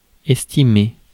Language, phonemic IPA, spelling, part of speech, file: French, /ɛs.ti.me/, estimer, verb, Fr-estimer.ogg
- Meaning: 1. to estimate, to calculate roughly 2. to esteem, to hold in high regard 3. to give some thought to, to consider